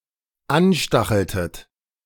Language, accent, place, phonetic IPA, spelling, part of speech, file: German, Germany, Berlin, [ˈanˌʃtaxl̩tət], anstacheltet, verb, De-anstacheltet.ogg
- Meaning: inflection of anstacheln: 1. second-person plural dependent preterite 2. second-person plural dependent subjunctive II